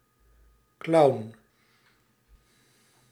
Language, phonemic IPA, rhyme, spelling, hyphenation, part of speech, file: Dutch, /klɑu̯n/, -ɑu̯n, clown, clown, noun, Nl-clown.ogg
- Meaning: clown (entertainer)